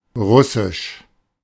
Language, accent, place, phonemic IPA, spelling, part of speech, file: German, Germany, Berlin, /ˈʁʊsɪʃ/, russisch, adjective, De-russisch.ogg
- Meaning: Russian